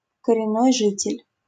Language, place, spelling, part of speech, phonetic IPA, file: Russian, Saint Petersburg, коренной житель, noun, [kərʲɪˈnːoj ˈʐɨtʲɪlʲ], LL-Q7737 (rus)-коренной житель.wav
- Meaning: a native inhabitant (a person who was born and grew up in a particular place, as contrasted with newcomers)